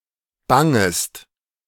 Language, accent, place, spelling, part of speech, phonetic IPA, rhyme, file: German, Germany, Berlin, bangest, verb, [ˈbaŋəst], -aŋəst, De-bangest.ogg
- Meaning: second-person singular subjunctive I of bangen